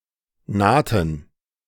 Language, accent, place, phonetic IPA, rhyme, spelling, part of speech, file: German, Germany, Berlin, [ˈnaːtn̩], -aːtn̩, nahten, verb, De-nahten.ogg
- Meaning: inflection of nahen: 1. first/third-person plural preterite 2. first/third-person plural subjunctive II